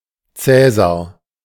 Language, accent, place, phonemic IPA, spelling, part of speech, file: German, Germany, Berlin, /ˈtsɛːzar/, Cäsar, proper noun / noun / symbol, De-Cäsar.ogg
- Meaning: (proper noun) 1. Roman cognomen, especially referring to Gaius Julius Caesar 2. a male given name of very rare usage 3. a surname; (noun) Caesar, caesar (style of Roman emperors)